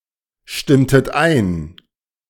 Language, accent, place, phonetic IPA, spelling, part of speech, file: German, Germany, Berlin, [ˌʃtɪmtət ˈaɪ̯n], stimmtet ein, verb, De-stimmtet ein.ogg
- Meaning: inflection of einstimmen: 1. second-person plural preterite 2. second-person plural subjunctive II